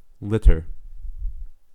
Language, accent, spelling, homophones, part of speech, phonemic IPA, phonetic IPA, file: English, US, litter, lidder, noun / verb / adjective, /ˈlɪt.ɚ/, [ˈlɪɾ.ɚ], En-us-litter.ogg
- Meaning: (noun) Straw, grass, and similar loose material used as bedding for people or animals